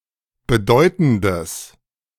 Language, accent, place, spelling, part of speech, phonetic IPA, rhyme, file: German, Germany, Berlin, bedeutendes, adjective, [bəˈdɔɪ̯tn̩dəs], -ɔɪ̯tn̩dəs, De-bedeutendes.ogg
- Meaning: strong/mixed nominative/accusative neuter singular of bedeutend